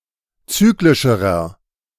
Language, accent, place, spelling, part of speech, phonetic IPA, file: German, Germany, Berlin, zyklischerer, adjective, [ˈt͡syːklɪʃəʁɐ], De-zyklischerer.ogg
- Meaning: inflection of zyklisch: 1. strong/mixed nominative masculine singular comparative degree 2. strong genitive/dative feminine singular comparative degree 3. strong genitive plural comparative degree